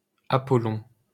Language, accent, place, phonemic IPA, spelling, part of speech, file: French, France, Paris, /a.pɔ.lɔ̃/, Apollon, proper noun, LL-Q150 (fra)-Apollon.wav
- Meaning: Apollo (god)